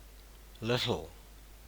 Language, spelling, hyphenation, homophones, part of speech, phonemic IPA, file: English, little, lit‧tle, Littell / Lyttle, adjective / adverb / determiner / pronoun / noun, /ˈlɘ.tl̩/, En-nz-little.ogg
- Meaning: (adjective) 1. Small, not large, limited, particularly 2. Small, not large, limited: Small, limited in size 3. Small, not large, limited: Short, limited in extent